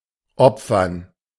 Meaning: 1. to sacrifice, to give up (for a goal or cause) 2. to sacrifice (to a deity)
- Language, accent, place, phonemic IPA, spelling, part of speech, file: German, Germany, Berlin, /ˈʔɔpfɐn/, opfern, verb, De-opfern.ogg